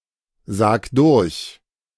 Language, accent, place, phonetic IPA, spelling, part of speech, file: German, Germany, Berlin, [ˌzaːk ˈdʊʁç], sag durch, verb, De-sag durch.ogg
- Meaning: 1. singular imperative of durchsagen 2. first-person singular present of durchsagen